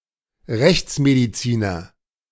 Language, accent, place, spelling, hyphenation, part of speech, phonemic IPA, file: German, Germany, Berlin, Rechtsmediziner, Rechts‧me‧di‧zi‧ner, noun, /ˈʁɛçt͡smediˌt͡siːnɐ/, De-Rechtsmediziner.ogg
- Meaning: forensic doctor, medical examiner